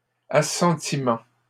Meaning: consent; approval
- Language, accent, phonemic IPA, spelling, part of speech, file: French, Canada, /a.sɑ̃.ti.mɑ̃/, assentiment, noun, LL-Q150 (fra)-assentiment.wav